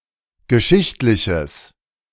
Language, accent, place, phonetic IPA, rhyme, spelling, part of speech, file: German, Germany, Berlin, [ɡəˈʃɪçtlɪçəs], -ɪçtlɪçəs, geschichtliches, adjective, De-geschichtliches.ogg
- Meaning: strong/mixed nominative/accusative neuter singular of geschichtlich